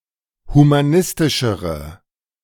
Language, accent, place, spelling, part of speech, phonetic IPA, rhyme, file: German, Germany, Berlin, humanistischere, adjective, [humaˈnɪstɪʃəʁə], -ɪstɪʃəʁə, De-humanistischere.ogg
- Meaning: inflection of humanistisch: 1. strong/mixed nominative/accusative feminine singular comparative degree 2. strong nominative/accusative plural comparative degree